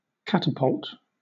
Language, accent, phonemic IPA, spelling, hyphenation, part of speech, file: English, Southern England, /ˈkæ.tə.pʌlt/, catapult, cat‧a‧pult, noun / verb, LL-Q1860 (eng)-catapult.wav
- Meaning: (noun) 1. A device or weapon for throwing or launching large objects 2. A mechanical aid on aircraft carriers designed to help airplanes take off from the flight deck 3. A slingshot